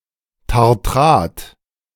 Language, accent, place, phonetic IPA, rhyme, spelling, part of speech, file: German, Germany, Berlin, [taʁˈtʁaːt], -aːt, Tartrat, noun, De-Tartrat.ogg
- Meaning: tartrate